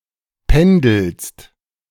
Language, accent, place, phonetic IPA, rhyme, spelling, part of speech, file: German, Germany, Berlin, [ˈpɛndl̩st], -ɛndl̩st, pendelst, verb, De-pendelst.ogg
- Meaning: second-person singular present of pendeln